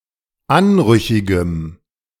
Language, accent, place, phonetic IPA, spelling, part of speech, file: German, Germany, Berlin, [ˈanˌʁʏçɪɡəm], anrüchigem, adjective, De-anrüchigem.ogg
- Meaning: strong dative masculine/neuter singular of anrüchig